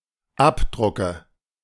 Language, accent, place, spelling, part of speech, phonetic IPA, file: German, Germany, Berlin, Abdrucke, noun, [ˈapˌdʁʊkə], De-Abdrucke.ogg
- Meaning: nominative/accusative/genitive plural of Abdruck